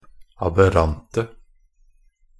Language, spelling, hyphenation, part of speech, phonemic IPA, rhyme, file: Norwegian Bokmål, aberrante, ab‧err‧an‧te, adjective, /abəˈrantə/, -antə, Nb-aberrante.ogg
- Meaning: 1. definite singular of aberrant 2. plural of aberrant